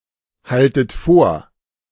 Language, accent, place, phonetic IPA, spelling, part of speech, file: German, Germany, Berlin, [ˌhaltət ˈfoːɐ̯], haltet vor, verb, De-haltet vor.ogg
- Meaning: inflection of vorhalten: 1. second-person plural present 2. second-person plural subjunctive I 3. plural imperative